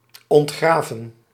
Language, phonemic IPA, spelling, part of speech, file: Dutch, /ɔntˈɣraːvə(n)/, ontgraven, verb, Nl-ontgraven.ogg
- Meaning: to excavate, to unearth